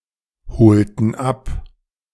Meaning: strong/mixed nominative/accusative neuter singular of bezeichnet
- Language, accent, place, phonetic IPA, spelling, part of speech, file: German, Germany, Berlin, [bəˈt͡saɪ̯çnətəs], bezeichnetes, adjective, De-bezeichnetes.ogg